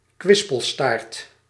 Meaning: a wagging tail, a tail prone to wagging
- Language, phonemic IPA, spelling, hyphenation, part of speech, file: Dutch, /ˈkʋɪs.pəlˌstaːrt/, kwispelstaart, kwis‧pel‧staart, noun, Nl-kwispelstaart.ogg